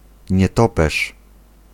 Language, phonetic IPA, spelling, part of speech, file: Polish, [ɲɛˈtɔpɛʃ], nietoperz, noun, Pl-nietoperz.ogg